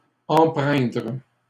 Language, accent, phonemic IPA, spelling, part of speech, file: French, Canada, /ɑ̃.pʁɛ̃dʁ/, empreindre, verb, LL-Q150 (fra)-empreindre.wav
- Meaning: 1. to imprint 2. to influence 3. to imbue (with) 4. to become imbued (with)